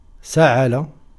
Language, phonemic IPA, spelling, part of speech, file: Arabic, /sa.ʕa.la/, سعل, verb, Ar-سعل.ogg
- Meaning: to cough